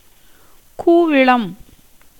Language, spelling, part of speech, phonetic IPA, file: Tamil, கூவிளம், noun, [kuːʋɨɭəm], Ta-கூவிளம்.ogg
- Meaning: bael fruit tree, bel, Bengal quince (Aegle marmelos)